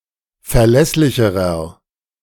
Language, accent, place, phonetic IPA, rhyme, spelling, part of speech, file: German, Germany, Berlin, [fɛɐ̯ˈlɛslɪçəʁɐ], -ɛslɪçəʁɐ, verlässlicherer, adjective, De-verlässlicherer.ogg
- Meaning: inflection of verlässlich: 1. strong/mixed nominative masculine singular comparative degree 2. strong genitive/dative feminine singular comparative degree 3. strong genitive plural comparative degree